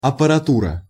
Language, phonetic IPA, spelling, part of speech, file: Russian, [ɐpərɐˈturə], аппаратура, noun, Ru-аппаратура.ogg
- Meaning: apparatus, equipment, gear (assortment of tools or instruments)